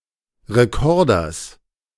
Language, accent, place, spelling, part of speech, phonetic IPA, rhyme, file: German, Germany, Berlin, Rekorders, noun, [ʁeˈkɔʁdɐs], -ɔʁdɐs, De-Rekorders.ogg
- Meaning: genitive singular of Rekorder